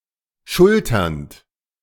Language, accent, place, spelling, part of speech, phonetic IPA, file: German, Germany, Berlin, schulternd, verb, [ˈʃʊltɐnt], De-schulternd.ogg
- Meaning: present participle of schultern